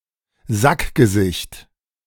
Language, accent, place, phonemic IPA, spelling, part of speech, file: German, Germany, Berlin, /ˈzakɡəˌzɪçt/, Sackgesicht, noun, De-Sackgesicht.ogg
- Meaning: dickhead